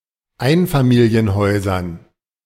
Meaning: dative plural of Einfamilienhaus
- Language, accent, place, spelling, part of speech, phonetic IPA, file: German, Germany, Berlin, Einfamilienhäusern, noun, [ˈaɪ̯nfamiːli̯ənˌhɔɪ̯zɐn], De-Einfamilienhäusern.ogg